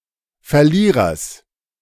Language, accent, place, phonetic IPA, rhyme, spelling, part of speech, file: German, Germany, Berlin, [fɛɐ̯ˈliːʁɐs], -iːʁɐs, Verlierers, noun, De-Verlierers.ogg
- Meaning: genitive singular of Verlierer